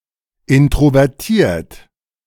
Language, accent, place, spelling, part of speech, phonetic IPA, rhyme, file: German, Germany, Berlin, introvertiert, adjective, [ˌɪntʁovɛʁˈtiːɐ̯t], -iːɐ̯t, De-introvertiert.ogg
- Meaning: introverted